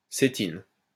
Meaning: cetin
- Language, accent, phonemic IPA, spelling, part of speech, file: French, France, /se.tin/, cétine, noun, LL-Q150 (fra)-cétine.wav